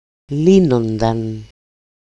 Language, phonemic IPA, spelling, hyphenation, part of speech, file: Greek, /ˈlinondan/, λύνονταν, λύ‧νο‧νταν, verb, El-λύνονταν.ogg
- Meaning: third-person plural imperfect passive indicative of λύνω (lýno)